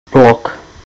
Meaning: 1. block 2. notebook (a book in which notes or memoranda are written)
- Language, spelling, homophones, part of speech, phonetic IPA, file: Czech, blok, blog, noun, [ˈblok], Cs-blok.ogg